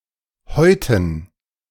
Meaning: dative plural of Haut
- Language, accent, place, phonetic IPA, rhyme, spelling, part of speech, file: German, Germany, Berlin, [ˈhɔɪ̯tn̩], -ɔɪ̯tn̩, Häuten, noun, De-Häuten.ogg